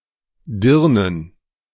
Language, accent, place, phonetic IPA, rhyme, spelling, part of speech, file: German, Germany, Berlin, [ˈdɪʁnən], -ɪʁnən, Dirnen, noun, De-Dirnen.ogg
- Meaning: plural of Dirne